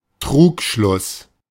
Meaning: 1. fallacy (false argument) 2. deceptive cadence, interrupted cadence
- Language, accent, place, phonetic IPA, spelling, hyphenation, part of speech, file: German, Germany, Berlin, [ˈtʁuːkʃlʊs], Trugschluss, Trug‧schluss, noun, De-Trugschluss.ogg